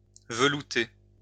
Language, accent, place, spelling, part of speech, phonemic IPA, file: French, France, Lyon, velouter, verb, /və.lu.te/, LL-Q150 (fra)-velouter.wav
- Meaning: 1. to give (something) a velvety finish 2. to soften, make smooth